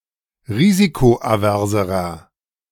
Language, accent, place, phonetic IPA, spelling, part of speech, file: German, Germany, Berlin, [ˈʁiːzikoʔaˌvɛʁzəʁɐ], risikoaverserer, adjective, De-risikoaverserer.ogg
- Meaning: inflection of risikoavers: 1. strong/mixed nominative masculine singular comparative degree 2. strong genitive/dative feminine singular comparative degree 3. strong genitive plural comparative degree